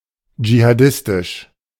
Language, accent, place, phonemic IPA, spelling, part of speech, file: German, Germany, Berlin, /d͡ʒihaˈdɪstɪʃ/, jihadistisch, adjective, De-jihadistisch.ogg
- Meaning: jihadist; alternative form of dschihadistisch